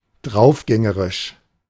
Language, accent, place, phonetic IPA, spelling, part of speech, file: German, Germany, Berlin, [ˈdʁaʊ̯fˌɡɛŋəʁɪʃ], draufgängerisch, adjective, De-draufgängerisch.ogg
- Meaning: reckless, adventurous